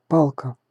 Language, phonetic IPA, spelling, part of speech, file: Russian, [ˈpaɫkə], палка, noun, Ru-палка.ogg
- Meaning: 1. stick, cane, club 2. instance of sex, a fuck 3. used in the expression